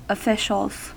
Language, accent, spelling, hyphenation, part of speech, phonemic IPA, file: English, US, officials, of‧fi‧cials, noun, /əˈfɪʃəlz/, En-us-officials.ogg
- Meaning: plural of official